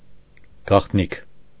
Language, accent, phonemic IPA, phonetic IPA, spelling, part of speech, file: Armenian, Eastern Armenian, /ɡɑχtˈnikʰ/, [ɡɑχtníkʰ], գաղտնիք, noun, Hy-գաղտնիք.ogg
- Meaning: secret